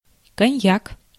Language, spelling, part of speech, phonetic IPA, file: Russian, коньяк, noun, [kɐˈnʲjak], Ru-коньяк.ogg
- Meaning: cognac